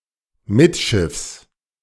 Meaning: amidships
- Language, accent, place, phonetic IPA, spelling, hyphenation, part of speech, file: German, Germany, Berlin, [ˈmɪtʃɪfs], mittschiffs, mitt‧schiffs, adverb, De-mittschiffs.ogg